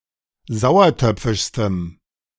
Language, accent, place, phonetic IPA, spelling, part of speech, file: German, Germany, Berlin, [ˈzaʊ̯ɐˌtœp͡fɪʃstəm], sauertöpfischstem, adjective, De-sauertöpfischstem.ogg
- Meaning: strong dative masculine/neuter singular superlative degree of sauertöpfisch